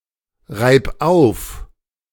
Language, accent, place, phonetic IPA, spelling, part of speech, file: German, Germany, Berlin, [ˌʁaɪ̯p ˈaʊ̯f], reib auf, verb, De-reib auf.ogg
- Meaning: singular imperative of aufreiben